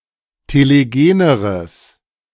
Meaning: strong/mixed nominative/accusative neuter singular comparative degree of telegen
- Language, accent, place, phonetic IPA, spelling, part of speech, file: German, Germany, Berlin, [teleˈɡeːnəʁəs], telegeneres, adjective, De-telegeneres.ogg